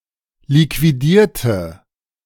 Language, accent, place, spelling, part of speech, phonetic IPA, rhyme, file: German, Germany, Berlin, liquidierte, adjective / verb, [likviˈdiːɐ̯tə], -iːɐ̯tə, De-liquidierte.ogg
- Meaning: inflection of liquidieren: 1. first/third-person singular preterite 2. first/third-person singular subjunctive II